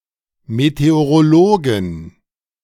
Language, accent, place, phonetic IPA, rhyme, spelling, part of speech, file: German, Germany, Berlin, [meteoʁoˈloːɡn̩], -oːɡn̩, Meteorologen, noun, De-Meteorologen.ogg
- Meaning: 1. genitive singular of Meteorologe 2. plural of Meteorologe